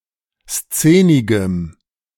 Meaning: strong dative masculine/neuter singular of szenig
- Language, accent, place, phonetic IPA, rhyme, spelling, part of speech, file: German, Germany, Berlin, [ˈst͡seːnɪɡəm], -eːnɪɡəm, szenigem, adjective, De-szenigem.ogg